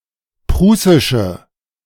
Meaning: inflection of prußisch: 1. strong/mixed nominative/accusative feminine singular 2. strong nominative/accusative plural 3. weak nominative all-gender singular
- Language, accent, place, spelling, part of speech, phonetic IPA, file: German, Germany, Berlin, prußische, adjective, [ˈpʁuːsɪʃə], De-prußische.ogg